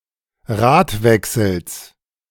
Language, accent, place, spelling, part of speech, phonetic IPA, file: German, Germany, Berlin, Radwechsels, noun, [ˈʁaːtˌvɛksl̩s], De-Radwechsels.ogg
- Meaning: genitive singular of Radwechsel